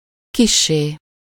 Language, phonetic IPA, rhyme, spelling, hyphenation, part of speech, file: Hungarian, [ˈkiʃːeː], -ʃeː, kissé, kis‧sé, adverb, Hu-kissé.ogg
- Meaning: slightly